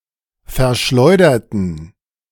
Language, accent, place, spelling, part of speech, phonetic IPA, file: German, Germany, Berlin, verschleuderten, adjective / verb, [fɛɐ̯ˈʃlɔɪ̯dɐtn̩], De-verschleuderten.ogg
- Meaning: inflection of verschleudern: 1. first/third-person plural preterite 2. first/third-person plural subjunctive II